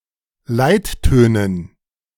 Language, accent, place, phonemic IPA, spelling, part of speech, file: German, Germany, Berlin, /ˈlaɪ̯t.tøːnən/, Leittönen, noun, De-Leittönen.ogg
- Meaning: dative plural of Leitton